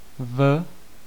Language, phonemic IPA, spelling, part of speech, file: Czech, /v/, v, preposition, Cs-v.ogg
- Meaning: 1. in (inside, for an enclosed space) 2. at (indicating time) 3. on (indicating a day) 4. in (indicating a year) 5. in (indicating a month) 6. in (used after certain verbs)